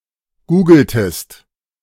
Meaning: inflection of googeln: 1. second-person singular preterite 2. second-person singular subjunctive II
- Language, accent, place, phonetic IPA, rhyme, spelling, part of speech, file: German, Germany, Berlin, [ˈɡuːɡl̩təst], -uːɡl̩təst, googeltest, verb, De-googeltest.ogg